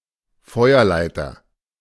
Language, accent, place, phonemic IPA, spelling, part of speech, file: German, Germany, Berlin, /ˈfɔɪ̯ɐˌlaɪ̯tɐ/, Feuerleiter, noun, De-Feuerleiter.ogg
- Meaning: 1. fire ladder 2. fire escape